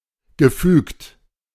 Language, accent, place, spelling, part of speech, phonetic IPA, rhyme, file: German, Germany, Berlin, gefügt, verb, [ɡəˈfyːkt], -yːkt, De-gefügt.ogg
- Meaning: past participle of fügen